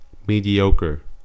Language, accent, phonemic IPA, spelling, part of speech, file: English, US, /ˌmidiˈoʊkəɹ/, mediocre, adjective / noun, En-us-mediocre.ogg
- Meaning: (adjective) Not excellent or outstanding, usually disappointingly so; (noun) A person of minor significance, accomplishment or acclaim; a common and undistinguished person